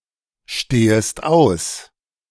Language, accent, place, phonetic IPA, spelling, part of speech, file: German, Germany, Berlin, [ˌʃteːəst ˈaʊ̯s], stehest aus, verb, De-stehest aus.ogg
- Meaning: second-person singular subjunctive I of ausstehen